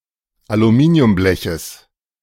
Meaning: genitive singular of Aluminiumblech
- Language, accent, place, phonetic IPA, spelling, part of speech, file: German, Germany, Berlin, [aluˈmiːni̯ʊmˌblɛçəs], Aluminiumbleches, noun, De-Aluminiumbleches.ogg